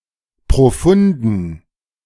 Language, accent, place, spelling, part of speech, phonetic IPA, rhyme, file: German, Germany, Berlin, profunden, adjective, [pʁoˈfʊndn̩], -ʊndn̩, De-profunden.ogg
- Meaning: inflection of profund: 1. strong genitive masculine/neuter singular 2. weak/mixed genitive/dative all-gender singular 3. strong/weak/mixed accusative masculine singular 4. strong dative plural